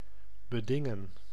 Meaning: to claim rights to something through negotiation; to stipulate
- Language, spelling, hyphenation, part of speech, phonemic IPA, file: Dutch, bedingen, be‧din‧gen, verb, /bəˈdɪŋə(n)/, Nl-bedingen.ogg